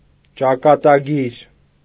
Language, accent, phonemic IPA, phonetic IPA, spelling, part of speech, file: Armenian, Eastern Armenian, /t͡ʃɑkɑtɑˈɡiɾ/, [t͡ʃɑkɑtɑɡíɾ], ճակատագիր, noun, Hy-ճակատագիր.ogg
- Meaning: destiny, fate